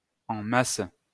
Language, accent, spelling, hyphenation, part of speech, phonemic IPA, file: French, France, en masse, en mas‧se, adverb, /ɑ̃ mas/, LL-Q150 (fra)-en masse.wav
- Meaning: 1. en masse 2. in large amounts, massively 3. in sufficient amounts